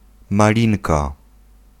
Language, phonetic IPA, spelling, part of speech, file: Polish, [maˈlʲĩnka], malinka, noun, Pl-malinka.ogg